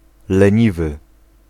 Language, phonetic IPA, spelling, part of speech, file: Polish, [lɛ̃ˈɲivɨ], leniwy, adjective, Pl-leniwy.ogg